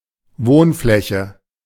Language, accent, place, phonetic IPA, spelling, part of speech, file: German, Germany, Berlin, [ˈvoːnˌflɛçə], Wohnfläche, noun, De-Wohnfläche.ogg
- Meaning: living space